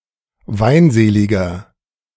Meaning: 1. comparative degree of weinselig 2. inflection of weinselig: strong/mixed nominative masculine singular 3. inflection of weinselig: strong genitive/dative feminine singular
- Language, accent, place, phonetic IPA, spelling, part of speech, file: German, Germany, Berlin, [ˈvaɪ̯nˌzeːlɪɡɐ], weinseliger, adjective, De-weinseliger.ogg